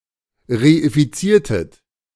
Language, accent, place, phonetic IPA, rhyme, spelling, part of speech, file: German, Germany, Berlin, [ʁeifiˈt͡siːɐ̯tət], -iːɐ̯tət, reifiziertet, verb, De-reifiziertet.ogg
- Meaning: inflection of reifizieren: 1. second-person plural preterite 2. second-person plural subjunctive II